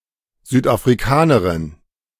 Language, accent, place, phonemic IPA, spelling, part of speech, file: German, Germany, Berlin, /ˌzyːtʔafʁiˈkaːnəʁɪn/, Südafrikanerin, noun, De-Südafrikanerin.ogg
- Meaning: a female South African